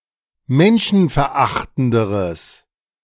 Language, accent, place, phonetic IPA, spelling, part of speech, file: German, Germany, Berlin, [ˈmɛnʃn̩fɛɐ̯ˌʔaxtn̩dəʁəs], menschenverachtenderes, adjective, De-menschenverachtenderes.ogg
- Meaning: strong/mixed nominative/accusative neuter singular comparative degree of menschenverachtend